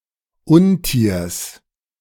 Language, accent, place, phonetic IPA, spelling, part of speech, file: German, Germany, Berlin, [ˈʊnˌtiːɐ̯s], Untiers, noun, De-Untiers.ogg
- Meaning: genitive of Untier